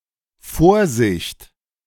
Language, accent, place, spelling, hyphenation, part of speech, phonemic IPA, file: German, Germany, Berlin, Vorsicht, Vor‧sicht, noun / interjection, /ˈfoːʁˌzɪçt/, De-Vorsicht.ogg
- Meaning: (noun) 1. caution, cautiousness 2. precaution, providence, provision; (interjection) beware!, caution!, careful!